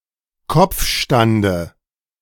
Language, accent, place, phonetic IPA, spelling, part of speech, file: German, Germany, Berlin, [ˈkɔp͡fˌʃtandə], Kopfstande, noun, De-Kopfstande.ogg
- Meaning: dative singular of Kopfstand